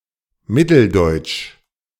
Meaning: Central German (from or pertaining to any area that is currently or was historically central Germany, or from or pertaining to the people, culture or dialects of this area)
- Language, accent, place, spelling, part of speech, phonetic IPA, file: German, Germany, Berlin, mitteldeutsch, adjective, [ˈmɪtl̩ˌdɔɪ̯tʃ], De-mitteldeutsch.ogg